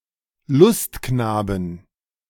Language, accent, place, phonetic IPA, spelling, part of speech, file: German, Germany, Berlin, [ˈlʊstˌknaːbn̩], Lustknaben, noun, De-Lustknaben.ogg
- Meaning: 1. genitive singular of Lustknabe 2. dative singular of Lustknabe 3. accusative singular of Lustknabe 4. plural of Lustknabe